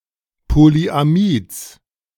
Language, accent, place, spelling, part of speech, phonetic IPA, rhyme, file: German, Germany, Berlin, Polyamids, noun, [poliʔaˈmiːt͡s], -iːt͡s, De-Polyamids.ogg
- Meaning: genitive singular of Polyamid